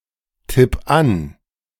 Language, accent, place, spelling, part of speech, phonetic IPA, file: German, Germany, Berlin, tipp an, verb, [ˌtɪp ˈan], De-tipp an.ogg
- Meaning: 1. singular imperative of antippen 2. first-person singular present of antippen